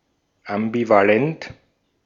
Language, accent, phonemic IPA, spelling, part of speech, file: German, Austria, /ʔambivaˈlɛnt/, ambivalent, adjective, De-at-ambivalent.ogg
- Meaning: ambivalent